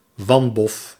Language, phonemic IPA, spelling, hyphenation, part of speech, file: Dutch, /ˈʋɑn.bɔf/, wanbof, wan‧bof, noun, Nl-wanbof.ogg
- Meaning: misfortune, bad luck